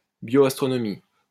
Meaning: astrobiology, exobiology
- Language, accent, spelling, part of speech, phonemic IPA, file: French, France, bioastronomie, noun, /bjo.as.tʁɔ.nɔ.mi/, LL-Q150 (fra)-bioastronomie.wav